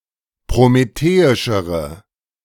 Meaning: inflection of prometheisch: 1. strong/mixed nominative/accusative feminine singular comparative degree 2. strong nominative/accusative plural comparative degree
- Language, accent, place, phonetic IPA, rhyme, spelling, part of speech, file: German, Germany, Berlin, [pʁomeˈteːɪʃəʁə], -eːɪʃəʁə, prometheischere, adjective, De-prometheischere.ogg